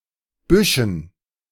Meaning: dative plural of Busch
- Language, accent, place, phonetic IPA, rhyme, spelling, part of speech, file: German, Germany, Berlin, [ˈbʏʃn̩], -ʏʃn̩, Büschen, noun, De-Büschen.ogg